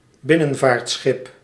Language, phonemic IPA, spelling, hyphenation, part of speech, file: Dutch, /ˈbɪ.nə(n).vaːrtˌsxɪp/, binnenvaartschip, bin‧nen‧vaart‧schip, noun, Nl-binnenvaartschip.ogg
- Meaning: ship used for inland navigation